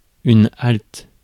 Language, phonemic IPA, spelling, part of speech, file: French, /alt/, halte, noun / interjection / verb, Fr-halte.ogg
- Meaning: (noun) 1. halt, pause, break 2. halting place 3. flag stop, way station; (interjection) halt, stop!; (verb) inflection of halter: first/third-person singular present indicative/subjunctive